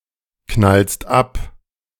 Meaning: second-person singular present of abknallen
- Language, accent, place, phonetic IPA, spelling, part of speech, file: German, Germany, Berlin, [ˌknalst ˈap], knallst ab, verb, De-knallst ab.ogg